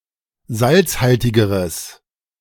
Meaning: strong/mixed nominative/accusative neuter singular comparative degree of salzhaltig
- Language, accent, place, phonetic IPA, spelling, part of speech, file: German, Germany, Berlin, [ˈzalt͡sˌhaltɪɡəʁəs], salzhaltigeres, adjective, De-salzhaltigeres.ogg